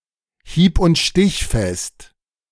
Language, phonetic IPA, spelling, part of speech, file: German, [ˌhiːpʔʊn(t)ˈʃtɪçfɛst], hieb- und stichfest, adjective, De-hieb und stichfest.ogg
- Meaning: watertight, ironclad (figuratively, of an argument or reasoning)